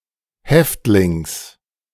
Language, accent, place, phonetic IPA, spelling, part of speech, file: German, Germany, Berlin, [ˈhɛftlɪŋs], Häftlings, noun, De-Häftlings.ogg
- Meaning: genitive singular of Häftling